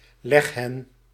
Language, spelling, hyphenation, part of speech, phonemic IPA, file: Dutch, leghen, leg‧hen, noun, /ˈlɛx.ɦɛn/, Nl-leghen.ogg
- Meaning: a laying hen